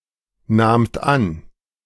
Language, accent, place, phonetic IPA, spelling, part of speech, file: German, Germany, Berlin, [ˌnaːmt ˈan], nahmt an, verb, De-nahmt an.ogg
- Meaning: second-person plural preterite of annehmen